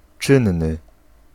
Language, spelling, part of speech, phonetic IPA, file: Polish, czynny, adjective, [ˈt͡ʃɨ̃nːɨ], Pl-czynny.ogg